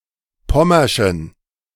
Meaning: inflection of pommersch: 1. strong genitive masculine/neuter singular 2. weak/mixed genitive/dative all-gender singular 3. strong/weak/mixed accusative masculine singular 4. strong dative plural
- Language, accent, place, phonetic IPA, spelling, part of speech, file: German, Germany, Berlin, [ˈpɔmɐʃn̩], pommerschen, adjective, De-pommerschen.ogg